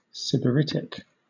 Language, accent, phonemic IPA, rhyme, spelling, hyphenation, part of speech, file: English, Southern England, /ˌsɪbəˈɹɪtɪk/, -ɪtɪk, sybaritic, sy‧bar‧it‧ic, adjective, LL-Q1860 (eng)-sybaritic.wav
- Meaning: Of or having the qualities of a sybarite (“a person devoted to luxury and pleasure”); dedicated to excessive comfort and enjoyment; decadent, hedonistic, self-indulgent